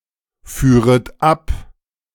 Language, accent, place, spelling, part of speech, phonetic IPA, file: German, Germany, Berlin, führet ab, verb, [ˌfyːʁət ˈap], De-führet ab.ogg
- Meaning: second-person plural subjunctive II of abfahren